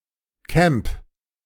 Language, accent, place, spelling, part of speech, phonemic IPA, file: German, Germany, Berlin, Camp, noun, /kɛmp/, De-Camp.ogg
- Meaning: camp (accommodation in tents)